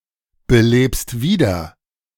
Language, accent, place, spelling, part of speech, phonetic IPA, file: German, Germany, Berlin, belebst wieder, verb, [bəˌleːpst ˈviːdɐ], De-belebst wieder.ogg
- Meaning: second-person singular present of wiederbeleben